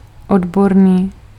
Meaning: expert, specialized, professional
- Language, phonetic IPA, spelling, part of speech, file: Czech, [ˈodborniː], odborný, adjective, Cs-odborný.ogg